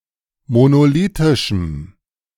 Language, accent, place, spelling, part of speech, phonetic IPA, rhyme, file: German, Germany, Berlin, monolithischem, adjective, [monoˈliːtɪʃm̩], -iːtɪʃm̩, De-monolithischem.ogg
- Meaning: strong dative masculine/neuter singular of monolithisch